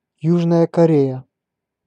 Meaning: South Korea (a country in East Asia; capital: Seoul)
- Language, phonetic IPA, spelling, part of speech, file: Russian, [ˈjuʐnəjə kɐˈrʲejə], Южная Корея, proper noun, Ru-Южная Корея.ogg